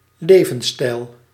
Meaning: lifestyle
- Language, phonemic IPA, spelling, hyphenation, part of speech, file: Dutch, /ˈlevə(n)ˌstɛil/, levensstijl, le‧vens‧stijl, noun, Nl-levensstijl.ogg